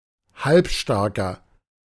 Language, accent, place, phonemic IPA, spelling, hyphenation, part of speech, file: German, Germany, Berlin, /ˈhalpˌʃtaʁkɐ/, Halbstarker, Halb‧star‧ker, noun, De-Halbstarker.ogg
- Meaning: 1. teenager, yob (male or of unspecified gender) 2. inflection of Halbstarke: strong genitive/dative singular 3. inflection of Halbstarke: strong genitive plural